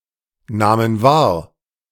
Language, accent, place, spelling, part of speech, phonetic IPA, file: German, Germany, Berlin, nahmen wahr, verb, [ˌnaːmən ˈvaːɐ̯], De-nahmen wahr.ogg
- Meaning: first/third-person plural preterite of wahrnehmen